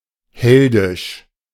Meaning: heroic
- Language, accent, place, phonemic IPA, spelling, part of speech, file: German, Germany, Berlin, /ˈhɛldɪʃ/, heldisch, adjective, De-heldisch.ogg